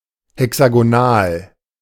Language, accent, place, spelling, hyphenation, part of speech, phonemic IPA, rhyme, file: German, Germany, Berlin, hexagonal, he‧xa‧go‧nal, adjective, /hɛksaɡoˈnaːl/, -aːl, De-hexagonal.ogg
- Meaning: hexagonal